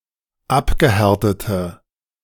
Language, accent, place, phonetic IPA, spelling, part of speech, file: German, Germany, Berlin, [ˈapɡəˌhɛʁtətə], abgehärtete, adjective, De-abgehärtete.ogg
- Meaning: inflection of abgehärtet: 1. strong/mixed nominative/accusative feminine singular 2. strong nominative/accusative plural 3. weak nominative all-gender singular